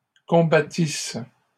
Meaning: first-person singular imperfect subjunctive of combattre
- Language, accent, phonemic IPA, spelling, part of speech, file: French, Canada, /kɔ̃.ba.tis/, combattisse, verb, LL-Q150 (fra)-combattisse.wav